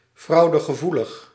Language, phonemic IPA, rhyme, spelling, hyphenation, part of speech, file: Dutch, /ˌfrɑu̯.də.ɣəˈvu.ləx/, -uləx, fraudegevoelig, frau‧de‧ge‧voe‧lig, adjective, Nl-fraudegevoelig.ogg
- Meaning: susceptible to fraud